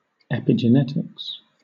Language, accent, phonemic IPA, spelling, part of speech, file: English, Southern England, /ˌɛpɪd͡ʒəˈnɛtɪks/, epigenetics, noun, LL-Q1860 (eng)-epigenetics.wav
- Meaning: The study of the processes involved in the genetic development of an organism, especially the activation and deactivation of genes